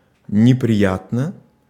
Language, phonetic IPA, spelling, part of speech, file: Russian, [nʲɪprʲɪˈjatnə], неприятно, adverb / adjective, Ru-неприятно.ogg
- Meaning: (adverb) disagreeably, unpleasantly; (adjective) short neuter singular of неприя́тный (neprijátnyj)